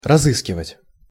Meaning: to search, to look (for)
- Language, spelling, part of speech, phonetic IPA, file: Russian, разыскивать, verb, [rɐˈzɨskʲɪvətʲ], Ru-разыскивать.ogg